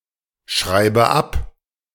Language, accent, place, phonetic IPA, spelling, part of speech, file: German, Germany, Berlin, [ˌʃʁaɪ̯bə ˈap], schreibe ab, verb, De-schreibe ab.ogg
- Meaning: inflection of abschreiben: 1. first-person singular present 2. first/third-person singular subjunctive I 3. singular imperative